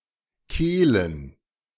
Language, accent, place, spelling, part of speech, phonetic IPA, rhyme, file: German, Germany, Berlin, Kehlen, proper noun / noun, [ˈkeːlən], -eːlən, De-Kehlen.ogg
- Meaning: plural of Kehle